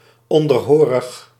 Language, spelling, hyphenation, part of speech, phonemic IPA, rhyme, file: Dutch, onderhorig, on‧der‧ho‧rig, adjective, /ˌɔn.dərˈɦoː.rəx/, -oːrəx, Nl-onderhorig.ogg
- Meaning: subject, subservient, subordinate